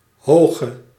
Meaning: inflection of hoog: 1. masculine/feminine singular attributive 2. definite neuter singular attributive 3. plural attributive
- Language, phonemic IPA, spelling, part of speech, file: Dutch, /ˈhoɣø/, hoge, adjective / verb, Nl-hoge.ogg